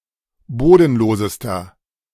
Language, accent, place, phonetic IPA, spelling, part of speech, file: German, Germany, Berlin, [ˈboːdn̩ˌloːzəstɐ], bodenlosester, adjective, De-bodenlosester.ogg
- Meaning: inflection of bodenlos: 1. strong/mixed nominative masculine singular superlative degree 2. strong genitive/dative feminine singular superlative degree 3. strong genitive plural superlative degree